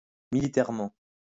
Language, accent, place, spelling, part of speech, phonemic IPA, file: French, France, Lyon, militairement, adverb, /mi.li.tɛʁ.mɑ̃/, LL-Q150 (fra)-militairement.wav
- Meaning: militarily (in a military way, with respect to the military)